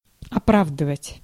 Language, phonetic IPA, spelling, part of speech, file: Russian, [ɐˈpravdɨvətʲ], оправдывать, verb, Ru-оправдывать.ogg
- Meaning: 1. to justify, to warrant, to authorize, to vindicate 2. to acquit, to discharge; to exonerate 3. to excuse